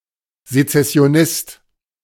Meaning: secessionist
- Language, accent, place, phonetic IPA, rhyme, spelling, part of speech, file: German, Germany, Berlin, [zet͡sɛsi̯oˈnɪst], -ɪst, Sezessionist, noun, De-Sezessionist.ogg